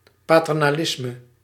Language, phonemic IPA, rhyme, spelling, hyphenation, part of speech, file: Dutch, /ˌpaː.tɛr.naːˈlɪs.mə/, -ɪsmə, paternalisme, pa‧ter‧na‧lis‧me, noun, Nl-paternalisme.ogg
- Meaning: paternalism